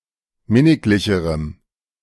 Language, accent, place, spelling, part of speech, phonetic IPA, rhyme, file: German, Germany, Berlin, minniglicherem, adjective, [ˈmɪnɪklɪçəʁəm], -ɪnɪklɪçəʁəm, De-minniglicherem.ogg
- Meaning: strong dative masculine/neuter singular comparative degree of minniglich